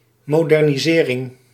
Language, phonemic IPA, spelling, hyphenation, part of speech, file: Dutch, /ˌmoː.dɛr.niˈzeː.rɪŋ/, modernisering, mo‧der‧ni‧se‧ring, noun, Nl-modernisering.ogg
- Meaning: modernisation (UK), modernization (US)